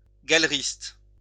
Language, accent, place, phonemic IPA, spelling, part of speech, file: French, France, Lyon, /ɡal.ʁist/, galeriste, noun, LL-Q150 (fra)-galeriste.wav
- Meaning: gallerist